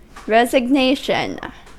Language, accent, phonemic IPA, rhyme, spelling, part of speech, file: English, US, /ˌɹɛz.ɪɡˈneɪ.ʃən/, -eɪʃən, resignation, noun, En-us-resignation.ogg
- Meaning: 1. The act of resigning 2. A written or oral declaration that one resigns 3. An uncomplaining acceptance of something undesirable but unavoidable